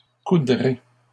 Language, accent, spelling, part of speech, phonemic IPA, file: French, Canada, coudrai, verb, /ku.dʁe/, LL-Q150 (fra)-coudrai.wav
- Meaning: first-person singular simple future of coudre